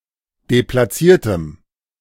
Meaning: strong dative masculine/neuter singular of deplatziert
- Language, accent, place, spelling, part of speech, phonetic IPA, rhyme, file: German, Germany, Berlin, deplatziertem, adjective, [deplaˈt͡siːɐ̯təm], -iːɐ̯təm, De-deplatziertem.ogg